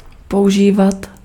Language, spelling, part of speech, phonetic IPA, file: Czech, používat, verb, [ˈpoʔuʒiːvat], Cs-používat.ogg
- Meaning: to use [with accusative ‘something’; or with genitive ‘’] (higher register with genitive)